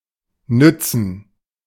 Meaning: alternative form of nutzen
- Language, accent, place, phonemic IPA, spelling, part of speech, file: German, Germany, Berlin, /ˈnʏtsən/, nützen, verb, De-nützen.ogg